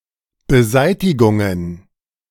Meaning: plural of Beseitigung
- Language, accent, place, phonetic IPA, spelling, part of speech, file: German, Germany, Berlin, [bəˈzaɪ̯tɪɡʊŋən], Beseitigungen, noun, De-Beseitigungen.ogg